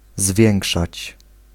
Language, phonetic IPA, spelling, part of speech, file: Polish, [ˈzvʲjɛ̃ŋkʃat͡ɕ], zwiększać, verb, Pl-zwiększać.ogg